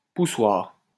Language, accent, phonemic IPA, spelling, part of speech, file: French, France, /pu.swaʁ/, poussoir, noun, LL-Q150 (fra)-poussoir.wav
- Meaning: 1. push-button 2. tappet 3. snow shovel 4. stuffer (sausage maker)